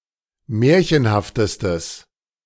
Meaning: strong/mixed nominative/accusative neuter singular superlative degree of märchenhaft
- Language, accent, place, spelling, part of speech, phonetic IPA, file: German, Germany, Berlin, märchenhaftestes, adjective, [ˈmɛːɐ̯çənhaftəstəs], De-märchenhaftestes.ogg